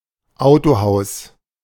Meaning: car dealership, car dealer (business that sells new or used cars at the retail level)
- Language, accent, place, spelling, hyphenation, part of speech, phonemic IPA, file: German, Germany, Berlin, Autohaus, Au‧to‧haus, noun, /ˈaʊ̯toˌhaʊ̯s/, De-Autohaus.ogg